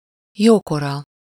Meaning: fair, good, sizeable, fair-sized, good-sized (large in amount or size)
- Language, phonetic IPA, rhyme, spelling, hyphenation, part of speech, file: Hungarian, [ˈjoːkorɒ], -rɒ, jókora, jó‧ko‧ra, adjective, Hu-jókora.ogg